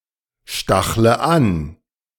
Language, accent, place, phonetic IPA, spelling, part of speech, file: German, Germany, Berlin, [ˌʃtaxlə ˈan], stachle an, verb, De-stachle an.ogg
- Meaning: inflection of anstacheln: 1. first-person singular present 2. first/third-person singular subjunctive I 3. singular imperative